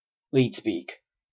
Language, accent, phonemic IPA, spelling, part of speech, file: English, Canada, /ˈliːt.spiːk/, leetspeak, noun, En-ca-leetspeak.oga
- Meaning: A form of chatspeak characterized most strongly by its alphanumeric substitutions